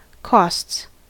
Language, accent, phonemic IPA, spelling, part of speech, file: English, US, /ˈkɔsts/, costs, noun / verb, En-us-costs.ogg
- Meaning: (noun) plural of cost; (verb) third-person singular simple present indicative of cost